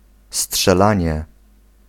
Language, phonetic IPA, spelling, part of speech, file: Polish, [sṭʃɛˈlãɲɛ], strzelanie, noun, Pl-strzelanie.ogg